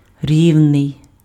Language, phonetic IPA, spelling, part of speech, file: Ukrainian, [ˈrʲiu̯nei̯], рівний, adjective, Uk-рівний.ogg
- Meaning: 1. flat 2. smooth 3. equal, even